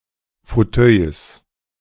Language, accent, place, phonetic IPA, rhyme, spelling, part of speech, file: German, Germany, Berlin, [foˈtœɪ̯s], -œɪ̯s, Fauteuils, noun, De-Fauteuils.ogg
- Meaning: 1. genitive singular of Fauteuil 2. plural of Fauteuil